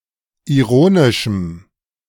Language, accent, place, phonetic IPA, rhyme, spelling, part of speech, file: German, Germany, Berlin, [iˈʁoːnɪʃm̩], -oːnɪʃm̩, ironischem, adjective, De-ironischem.ogg
- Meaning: strong dative masculine/neuter singular of ironisch